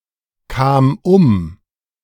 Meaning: first/third-person singular preterite of umkommen
- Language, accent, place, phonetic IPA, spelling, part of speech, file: German, Germany, Berlin, [ˌkaːm ˈʊm], kam um, verb, De-kam um.ogg